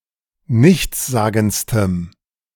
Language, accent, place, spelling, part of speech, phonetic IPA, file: German, Germany, Berlin, nichtssagendstem, adjective, [ˈnɪçt͡sˌzaːɡn̩t͡stəm], De-nichtssagendstem.ogg
- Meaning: strong dative masculine/neuter singular superlative degree of nichtssagend